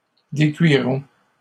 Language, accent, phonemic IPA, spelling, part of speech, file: French, Canada, /de.kɥi.ʁɔ̃/, décuiront, verb, LL-Q150 (fra)-décuiront.wav
- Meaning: third-person plural future of décuire